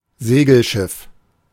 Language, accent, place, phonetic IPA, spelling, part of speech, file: German, Germany, Berlin, [ˈzeːɡl̩ˌʃɪf], Segelschiff, noun, De-Segelschiff.ogg
- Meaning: sailing ship